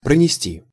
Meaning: 1. to carry (by, past, through), to smuggle, to sneak 2. to carry with one (for a length of time) 3. to cause (bad) diarrhea
- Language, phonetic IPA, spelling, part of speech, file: Russian, [prənʲɪˈsʲtʲi], пронести, verb, Ru-пронести.ogg